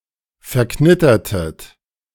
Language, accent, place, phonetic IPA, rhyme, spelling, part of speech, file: German, Germany, Berlin, [fɛɐ̯ˈknɪtɐtət], -ɪtɐtət, verknittertet, verb, De-verknittertet.ogg
- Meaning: inflection of verknittern: 1. second-person plural preterite 2. second-person plural subjunctive II